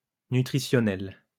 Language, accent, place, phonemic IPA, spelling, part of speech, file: French, France, Lyon, /ny.tʁi.sjɔ.nɛl/, nutritionnel, adjective, LL-Q150 (fra)-nutritionnel.wav
- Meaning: nutritional